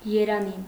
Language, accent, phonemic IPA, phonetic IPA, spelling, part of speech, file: Armenian, Eastern Armenian, /jeɾɑˈni/, [jeɾɑní], երանի, interjection / noun, Hy-երանի.ogg
- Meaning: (interjection) if only (I wish that); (noun) wish, happiness, joy